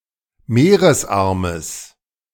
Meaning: genitive of Meeresarm
- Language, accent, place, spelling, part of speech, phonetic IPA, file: German, Germany, Berlin, Meeresarmes, noun, [ˈmeːʁəsˌʔaʁməs], De-Meeresarmes.ogg